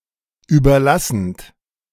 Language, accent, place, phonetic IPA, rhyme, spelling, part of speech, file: German, Germany, Berlin, [ˌyːbɐˈlasn̩t], -asn̩t, überlassend, verb, De-überlassend.ogg
- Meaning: present participle of überlassen